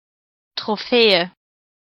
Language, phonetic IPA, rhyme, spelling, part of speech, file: German, [tʁoˈfɛːə], -ɛːə, Trophäe, noun, De-Trophäe.ogg
- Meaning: 1. trophy 2. tropæum